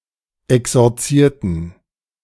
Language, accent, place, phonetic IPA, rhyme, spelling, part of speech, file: German, Germany, Berlin, [ɛksɔʁˈt͡siːɐ̯tn̩], -iːɐ̯tn̩, exorzierten, adjective / verb, De-exorzierten.ogg
- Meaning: inflection of exorzieren: 1. first/third-person plural preterite 2. first/third-person plural subjunctive II